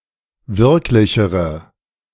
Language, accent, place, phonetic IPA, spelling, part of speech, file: German, Germany, Berlin, [ˈvɪʁklɪçəʁə], wirklichere, adjective, De-wirklichere.ogg
- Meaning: inflection of wirklich: 1. strong/mixed nominative/accusative feminine singular comparative degree 2. strong nominative/accusative plural comparative degree